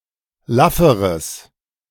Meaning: strong/mixed nominative/accusative neuter singular comparative degree of laff
- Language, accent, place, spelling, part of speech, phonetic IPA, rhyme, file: German, Germany, Berlin, lafferes, adjective, [ˈlafəʁəs], -afəʁəs, De-lafferes.ogg